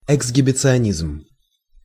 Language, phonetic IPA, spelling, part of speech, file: Russian, [ɪɡzɡʲɪbʲɪt͡sɨɐˈnʲizm], эксгибиционизм, noun, Ru-эксгибиционизм.ogg
- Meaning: exhibitionism (practice of drawing attention to oneself or displaying one's private bodily parts in public)